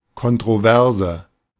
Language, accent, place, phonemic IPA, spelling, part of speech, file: German, Germany, Berlin, /kɔntʁoˈvɛʁzə/, Kontroverse, noun, De-Kontroverse.ogg
- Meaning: controversy